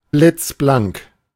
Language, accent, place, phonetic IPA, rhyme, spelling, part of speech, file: German, Germany, Berlin, [ˌblɪt͡sˈblaŋk], -aŋk, blitzblank, adjective, De-blitzblank.ogg
- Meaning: shiny, spick and span